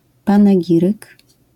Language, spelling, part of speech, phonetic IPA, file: Polish, panegiryk, noun, [ˌpãnɛˈɟirɨk], LL-Q809 (pol)-panegiryk.wav